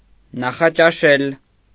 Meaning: to breakfast, to have breakfast
- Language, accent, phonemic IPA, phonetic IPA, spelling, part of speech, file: Armenian, Eastern Armenian, /nɑχɑt͡ʃɑˈʃel/, [nɑχɑt͡ʃɑʃél], նախաճաշել, verb, Hy-նախաճաշել.ogg